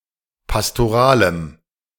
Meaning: strong dative masculine/neuter singular of pastoral
- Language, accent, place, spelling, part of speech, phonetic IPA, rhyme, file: German, Germany, Berlin, pastoralem, adjective, [pastoˈʁaːləm], -aːləm, De-pastoralem.ogg